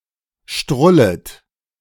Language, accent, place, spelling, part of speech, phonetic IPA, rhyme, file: German, Germany, Berlin, strullet, verb, [ˈʃtʁʊlət], -ʊlət, De-strullet.ogg
- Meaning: second-person plural subjunctive I of strullen